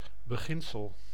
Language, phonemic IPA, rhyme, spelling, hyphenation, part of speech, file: Dutch, /bəˈɣɪn.səl/, -ɪnsəl, beginsel, be‧gin‧sel, noun, Nl-beginsel.ogg
- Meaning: principle